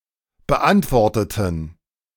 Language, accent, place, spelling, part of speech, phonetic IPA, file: German, Germany, Berlin, beantworteten, adjective / verb, [bəˈʔantvɔʁtətn̩], De-beantworteten.ogg
- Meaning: inflection of beantwortet: 1. strong genitive masculine/neuter singular 2. weak/mixed genitive/dative all-gender singular 3. strong/weak/mixed accusative masculine singular 4. strong dative plural